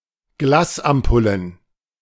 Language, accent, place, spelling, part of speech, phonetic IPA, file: German, Germany, Berlin, Glasampullen, noun, [ˈɡlaːsʔamˌpʊlən], De-Glasampullen.ogg
- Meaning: plural of Glasampulle